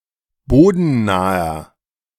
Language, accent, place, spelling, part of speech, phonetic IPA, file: German, Germany, Berlin, bodennaher, adjective, [ˈboːdn̩ˌnaːɐ], De-bodennaher.ogg
- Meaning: inflection of bodennah: 1. strong/mixed nominative masculine singular 2. strong genitive/dative feminine singular 3. strong genitive plural